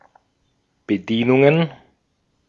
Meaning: plural of Bedienung
- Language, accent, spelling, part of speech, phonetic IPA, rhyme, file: German, Austria, Bedienungen, noun, [bəˈdiːnʊŋən], -iːnʊŋən, De-at-Bedienungen.ogg